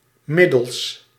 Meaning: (noun) plural of middel; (preposition) by means of
- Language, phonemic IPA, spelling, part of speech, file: Dutch, /ˈmɪdəls/, middels, adverb / preposition / noun, Nl-middels.ogg